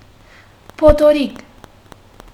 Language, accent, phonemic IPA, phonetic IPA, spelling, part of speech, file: Armenian, Western Armenian, /potoˈɾiɡ/, [pʰotʰoɾíɡ], փոթորիկ, noun, HyW-փոթորիկ.ogg
- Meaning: storm; hurricane